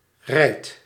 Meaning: inflection of rijden: 1. second/third-person singular present indicative 2. plural imperative
- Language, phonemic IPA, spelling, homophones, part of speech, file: Dutch, /rɛi̯t/, rijdt, rijd, verb, Nl-rijdt.ogg